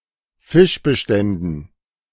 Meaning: dative plural of Fischbestand
- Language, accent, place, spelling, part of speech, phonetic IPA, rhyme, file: German, Germany, Berlin, Fischbeständen, noun, [ˈfɪʃbəˌʃtɛndn̩], -ɪʃbəʃtɛndn̩, De-Fischbeständen.ogg